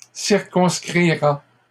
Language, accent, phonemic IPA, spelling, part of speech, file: French, Canada, /siʁ.kɔ̃s.kʁi.ʁa/, circonscrira, verb, LL-Q150 (fra)-circonscrira.wav
- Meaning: third-person singular future of circonscrire